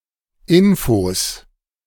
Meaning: plural of Info
- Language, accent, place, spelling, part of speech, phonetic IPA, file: German, Germany, Berlin, Infos, noun, [ˈɪnfos], De-Infos.ogg